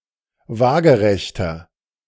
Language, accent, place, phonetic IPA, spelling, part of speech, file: German, Germany, Berlin, [ˈvaːɡəʁɛçtɐ], waagerechter, adjective, De-waagerechter.ogg
- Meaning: inflection of waagerecht: 1. strong/mixed nominative masculine singular 2. strong genitive/dative feminine singular 3. strong genitive plural